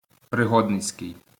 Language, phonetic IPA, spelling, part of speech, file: Ukrainian, [preˈɦɔdnet͡sʲkei̯], пригодницький, adjective, LL-Q8798 (ukr)-пригодницький.wav
- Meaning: adventure (attributive)